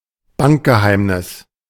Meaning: bank secrecy, bank privacy
- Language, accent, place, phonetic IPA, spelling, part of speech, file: German, Germany, Berlin, [ˈbankɡəˌhaɪ̯mnɪs], Bankgeheimnis, noun, De-Bankgeheimnis.ogg